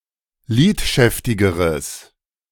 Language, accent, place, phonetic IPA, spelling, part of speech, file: German, Germany, Berlin, [ˈliːtˌʃɛftɪɡəʁəs], lidschäftigeres, adjective, De-lidschäftigeres.ogg
- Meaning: strong/mixed nominative/accusative neuter singular comparative degree of lidschäftig